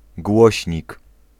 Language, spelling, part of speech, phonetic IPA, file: Polish, głośnik, noun, [ˈɡwɔɕɲik], Pl-głośnik.ogg